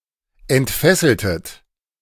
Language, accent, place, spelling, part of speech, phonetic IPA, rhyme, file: German, Germany, Berlin, entfesseltet, verb, [ɛntˈfɛsl̩tət], -ɛsl̩tət, De-entfesseltet.ogg
- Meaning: inflection of entfesseln: 1. second-person plural preterite 2. second-person plural subjunctive II